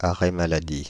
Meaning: sick leave, sick day
- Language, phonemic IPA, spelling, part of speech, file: French, /a.ʁɛ ma.la.di/, arrêt maladie, noun, Fr-arrêt maladie.ogg